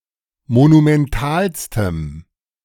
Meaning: strong dative masculine/neuter singular superlative degree of monumental
- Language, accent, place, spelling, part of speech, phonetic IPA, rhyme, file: German, Germany, Berlin, monumentalstem, adjective, [monumɛnˈtaːlstəm], -aːlstəm, De-monumentalstem.ogg